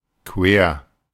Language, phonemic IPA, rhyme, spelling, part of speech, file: German, /kveːɐ̯/, -eːɐ̯, quer, adjective / adverb, De-quer.oga
- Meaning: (adjective) crosswise, cross; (adverb) crosswise, across